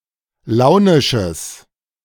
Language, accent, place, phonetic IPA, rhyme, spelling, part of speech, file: German, Germany, Berlin, [ˈlaʊ̯nɪʃəs], -aʊ̯nɪʃəs, launisches, adjective, De-launisches.ogg
- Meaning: strong/mixed nominative/accusative neuter singular of launisch